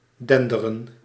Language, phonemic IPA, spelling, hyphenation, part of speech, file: Dutch, /ˈdɛndərə(n)/, denderen, den‧de‧ren, verb, Nl-denderen.ogg
- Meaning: 1. to roar, to make a thunderous noise 2. to move with a thunderous noise